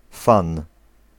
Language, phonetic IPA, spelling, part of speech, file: Polish, [fãn], fan, noun, Pl-fan.ogg